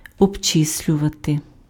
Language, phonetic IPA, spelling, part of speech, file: Ukrainian, [ɔbˈt͡ʃɪsʲlʲʊʋɐte], обчислювати, verb, Uk-обчислювати.ogg
- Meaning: to calculate, to compute, to figure out